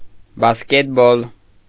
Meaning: basketball
- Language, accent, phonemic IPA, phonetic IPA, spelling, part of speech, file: Armenian, Eastern Armenian, /bɑsketˈbol/, [bɑsketból], բասկետբոլ, noun, Hy-բասկետբոլ .ogg